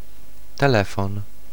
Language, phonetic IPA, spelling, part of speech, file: Polish, [tɛˈlɛfɔ̃n], telefon, noun, Pl-telefon.ogg